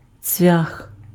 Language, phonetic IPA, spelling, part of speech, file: Ukrainian, [t͡sʲʋʲax], цвях, noun, Uk-цвях.ogg
- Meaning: nail (metal fastener)